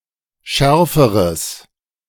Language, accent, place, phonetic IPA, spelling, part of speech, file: German, Germany, Berlin, [ˈʃɛʁfəʁəs], schärferes, adjective, De-schärferes.ogg
- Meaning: strong/mixed nominative/accusative neuter singular comparative degree of scharf